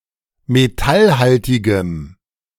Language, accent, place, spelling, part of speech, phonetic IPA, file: German, Germany, Berlin, metallhaltigem, adjective, [meˈtalˌhaltɪɡəm], De-metallhaltigem.ogg
- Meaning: strong dative masculine/neuter singular of metallhaltig